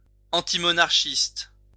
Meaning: antimonarchist
- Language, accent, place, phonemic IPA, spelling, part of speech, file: French, France, Lyon, /ɑ̃.ti.mɔ.naʁ.ʃist/, antimonarchiste, adjective, LL-Q150 (fra)-antimonarchiste.wav